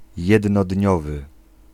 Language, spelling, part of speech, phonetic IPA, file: Polish, jednodniowy, adjective, [ˌjɛdnɔˈdʲɲɔvɨ], Pl-jednodniowy.ogg